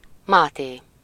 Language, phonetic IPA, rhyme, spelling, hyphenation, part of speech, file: Hungarian, [ˈmaːteː], -teː, Máté, Má‧té, proper noun, Hu-Máté.ogg
- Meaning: 1. a male given name, equivalent to English Matthew 2. Matthew, the Gospel of Matthew